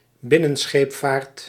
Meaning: inland navigation
- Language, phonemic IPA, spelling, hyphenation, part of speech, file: Dutch, /ˈbɪ.nə(n)ˌsxeːp.faːrt/, binnenscheepvaart, bin‧nen‧scheep‧vaart, noun, Nl-binnenscheepvaart.ogg